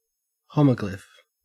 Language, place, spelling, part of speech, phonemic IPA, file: English, Queensland, homoglyph, noun, /ˈhəʉ.mə.ɡlɪf/, En-au-homoglyph.ogg